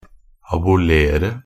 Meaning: to abolish (to end a law, system, institution, custom or practice)
- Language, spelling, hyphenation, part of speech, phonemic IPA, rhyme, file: Norwegian Bokmål, abolere, a‧bo‧le‧re, verb, /abʊˈleːrə/, -eːrə, Nb-abolere.ogg